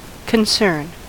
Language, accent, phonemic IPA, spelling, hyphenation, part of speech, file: English, US, /kənˈsɝn/, concern, con‧cern, noun / verb, En-us-concern.ogg
- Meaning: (noun) 1. That which affects one’s welfare or happiness. A matter of interest to someone 2. The placement of interest or worry on a subject